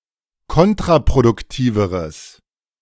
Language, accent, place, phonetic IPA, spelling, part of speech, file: German, Germany, Berlin, [ˈkɔntʁapʁodʊkˌtiːvəʁəs], kontraproduktiveres, adjective, De-kontraproduktiveres.ogg
- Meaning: strong/mixed nominative/accusative neuter singular comparative degree of kontraproduktiv